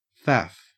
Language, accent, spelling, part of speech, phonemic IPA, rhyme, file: English, Australia, faff, noun / verb, /fæf/, -æf, En-au-faff.ogg
- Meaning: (noun) 1. An overcomplicated task, especially one perceived as a waste of time 2. A state of confused or frantic activity 3. A puff of smoke; a gust of wind; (verb) To blow in puffs, blow gently